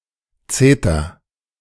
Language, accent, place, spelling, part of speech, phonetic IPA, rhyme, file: German, Germany, Berlin, zeter, verb, [ˈt͡seːtɐ], -eːtɐ, De-zeter.ogg
- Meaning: inflection of zetern: 1. first-person singular present 2. singular imperative